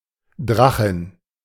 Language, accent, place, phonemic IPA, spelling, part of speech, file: German, Germany, Berlin, /ˈdʁaxɪn/, Drachin, noun, De-Drachin.ogg
- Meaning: dragoness, female dragon